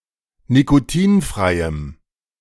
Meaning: strong dative masculine/neuter singular of nikotinfrei
- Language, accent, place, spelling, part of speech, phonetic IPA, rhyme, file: German, Germany, Berlin, nikotinfreiem, adjective, [nikoˈtiːnfʁaɪ̯əm], -iːnfʁaɪ̯əm, De-nikotinfreiem.ogg